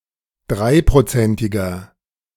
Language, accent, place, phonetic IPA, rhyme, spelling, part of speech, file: German, Germany, Berlin, [ˈdʁaɪ̯pʁoˌt͡sɛntɪɡɐ], -aɪ̯pʁot͡sɛntɪɡɐ, dreiprozentiger, adjective, De-dreiprozentiger.ogg
- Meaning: inflection of dreiprozentig: 1. strong/mixed nominative masculine singular 2. strong genitive/dative feminine singular 3. strong genitive plural